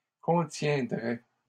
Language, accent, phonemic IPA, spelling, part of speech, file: French, Canada, /kɔ̃.tjɛ̃.dʁɛ/, contiendrais, verb, LL-Q150 (fra)-contiendrais.wav
- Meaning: first/second-person singular conditional of contenir